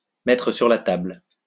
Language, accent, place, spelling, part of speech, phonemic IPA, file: French, France, Lyon, mettre sur la table, verb, /mɛ.tʁə syʁ la tabl/, LL-Q150 (fra)-mettre sur la table.wav
- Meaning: to put on the table, to bring up, to broach